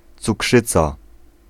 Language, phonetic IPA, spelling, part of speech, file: Polish, [t͡suˈkʃɨt͡sa], cukrzyca, noun, Pl-cukrzyca.ogg